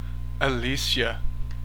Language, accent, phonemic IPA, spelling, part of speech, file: English, US, /əˈliːʃə/, Alicia, proper noun, En-us-Alicia.ogg
- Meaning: A female given name from the Germanic languages